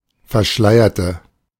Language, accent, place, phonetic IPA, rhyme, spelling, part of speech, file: German, Germany, Berlin, [fɛɐ̯ˈʃlaɪ̯ɐtə], -aɪ̯ɐtə, verschleierte, adjective / verb, De-verschleierte.ogg
- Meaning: inflection of verschleiern: 1. first/third-person singular preterite 2. first/third-person singular subjunctive II